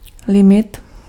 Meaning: limit
- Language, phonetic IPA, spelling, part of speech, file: Czech, [ˈlɪmɪt], limit, noun, Cs-limit.ogg